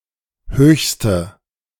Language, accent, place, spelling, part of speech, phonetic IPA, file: German, Germany, Berlin, höchste, adjective, [ˈhøːçstə], De-höchste.ogg
- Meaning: inflection of hoch: 1. strong/mixed nominative/accusative feminine singular superlative degree 2. strong nominative/accusative plural superlative degree